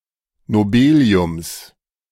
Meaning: genitive singular of Nobelium
- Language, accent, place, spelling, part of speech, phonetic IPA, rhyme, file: German, Germany, Berlin, Nobeliums, noun, [noˈbeːli̯ʊms], -eːli̯ʊms, De-Nobeliums.ogg